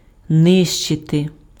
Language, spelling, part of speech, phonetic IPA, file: Ukrainian, нищити, verb, [ˈnɪʃt͡ʃete], Uk-нищити.ogg
- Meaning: 1. to destroy, to obliterate, to annihilate, to eliminate 2. to raze, to demolish, to destroy 3. to devastate, to lay waste, to ravage, to desolate 4. to ruin, to spoil